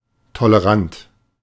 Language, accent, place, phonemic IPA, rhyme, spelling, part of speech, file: German, Germany, Berlin, /toləˈʁant/, -ant, tolerant, adjective, De-tolerant.ogg
- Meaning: tolerant